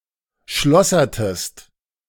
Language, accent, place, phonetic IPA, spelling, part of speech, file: German, Germany, Berlin, [ˈʃlɔsɐtəst], schlossertest, verb, De-schlossertest.ogg
- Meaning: inflection of schlossern: 1. second-person singular preterite 2. second-person singular subjunctive II